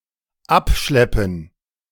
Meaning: 1. to tow; to tow away (a car etc.) 2. to pick up (a person in a pub etc.)
- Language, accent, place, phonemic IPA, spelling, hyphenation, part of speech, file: German, Germany, Berlin, /ˈapˌʃlɛpən/, abschleppen, ab‧schlep‧pen, verb, De-abschleppen.ogg